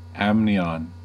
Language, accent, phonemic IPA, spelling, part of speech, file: English, US, /ˈæm.ni.ɑːn/, amnion, noun, En-us-amnion.ogg
- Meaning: The innermost membrane of the fetal membranes of reptiles, birds, and mammals; the sac in which the embryo is suspended